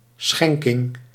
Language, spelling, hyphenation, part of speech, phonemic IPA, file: Dutch, schenking, schen‧king, noun, /ˈsxɛŋ.kɪŋ/, Nl-schenking.ogg
- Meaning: 1. donation 2. grant